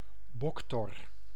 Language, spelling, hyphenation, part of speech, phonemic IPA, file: Dutch, boktor, bok‧tor, noun, /ˈbɔk.tɔr/, Nl-boktor.ogg
- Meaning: a longhorn beetle, a beetle of the family Cerambycidae